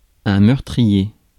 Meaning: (adjective) deadly, bloody (involving death), murderous; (noun) murderer (person who commits murder)
- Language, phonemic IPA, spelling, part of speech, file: French, /mœʁ.tʁi.je/, meurtrier, adjective / noun, Fr-meurtrier.ogg